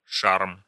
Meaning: charm (quality of inspiring delight or admiration)
- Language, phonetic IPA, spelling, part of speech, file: Russian, [ʂarm], шарм, noun, Ru-шарм.ogg